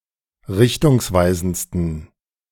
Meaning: 1. superlative degree of richtungsweisend 2. inflection of richtungsweisend: strong genitive masculine/neuter singular superlative degree
- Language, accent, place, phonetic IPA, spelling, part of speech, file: German, Germany, Berlin, [ˈʁɪçtʊŋsˌvaɪ̯zn̩t͡stən], richtungsweisendsten, adjective, De-richtungsweisendsten.ogg